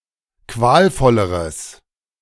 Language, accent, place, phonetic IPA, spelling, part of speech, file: German, Germany, Berlin, [ˈkvaːlˌfɔləʁəs], qualvolleres, adjective, De-qualvolleres.ogg
- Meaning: strong/mixed nominative/accusative neuter singular comparative degree of qualvoll